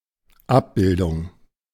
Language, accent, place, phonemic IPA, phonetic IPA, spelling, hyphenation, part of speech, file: German, Germany, Berlin, /ˈap.bɪl.dʊŋ/, [ˈʔap̚.b̥ɪl.dʊŋ], Abbildung, Ab‧bil‧dung, noun, De-Abbildung.ogg
- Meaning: 1. depiction, image, figure, picture, illustration 2. mapping